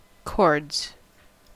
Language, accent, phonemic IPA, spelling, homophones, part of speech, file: English, US, /kɔɹdz/, cords, chords, noun / verb, En-us-cords.ogg
- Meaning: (noun) plural of cord; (verb) third-person singular simple present indicative of cord; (noun) Corduroys